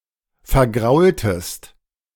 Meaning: inflection of vergraulen: 1. second-person singular preterite 2. second-person singular subjunctive II
- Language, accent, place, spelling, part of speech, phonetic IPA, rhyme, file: German, Germany, Berlin, vergraultest, verb, [fɛɐ̯ˈɡʁaʊ̯ltəst], -aʊ̯ltəst, De-vergraultest.ogg